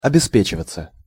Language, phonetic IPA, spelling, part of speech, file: Russian, [ɐbʲɪˈspʲet͡ɕɪvət͡sə], обеспечиваться, verb, Ru-обеспечиваться.ogg
- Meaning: 1. to provide oneself (with) 2. passive of обеспе́чивать (obespéčivatʹ)